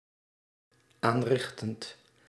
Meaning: present participle of aanrichten
- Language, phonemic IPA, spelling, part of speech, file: Dutch, /ˈanrɪxtənt/, aanrichtend, verb, Nl-aanrichtend.ogg